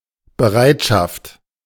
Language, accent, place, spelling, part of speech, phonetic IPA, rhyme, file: German, Germany, Berlin, Bereitschaft, noun, [bəˈʁaɪ̯tʃaft], -aɪ̯tʃaft, De-Bereitschaft.ogg
- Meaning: 1. readiness 2. willingness 3. standby 4. duty, guard, on call service, emergency service (standby shift for the purpose of providing emergency services, such as hospital, pharmacy, IT)